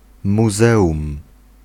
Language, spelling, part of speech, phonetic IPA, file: Polish, muzeum, noun, [muˈzɛʷũm], Pl-muzeum.ogg